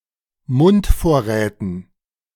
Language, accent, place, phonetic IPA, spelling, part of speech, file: German, Germany, Berlin, [ˈmʊntˌfoːɐ̯ʁɛːtn̩], Mundvorräten, noun, De-Mundvorräten.ogg
- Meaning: dative plural of Mundvorrat